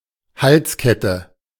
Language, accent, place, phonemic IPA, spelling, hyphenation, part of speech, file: German, Germany, Berlin, /ˈhalsˌkɛtə/, Halskette, Hals‧ket‧te, noun, De-Halskette.ogg
- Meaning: necklace